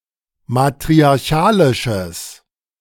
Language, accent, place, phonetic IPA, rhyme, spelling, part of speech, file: German, Germany, Berlin, [matʁiaʁˈçaːlɪʃəs], -aːlɪʃəs, matriarchalisches, adjective, De-matriarchalisches.ogg
- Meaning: strong/mixed nominative/accusative neuter singular of matriarchalisch